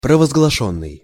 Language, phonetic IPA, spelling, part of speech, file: Russian, [prəvəzɡɫɐˈʂonːɨj], провозглашённый, verb, Ru-провозглашённый.ogg
- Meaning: past passive perfective participle of провозгласи́ть (provozglasítʹ)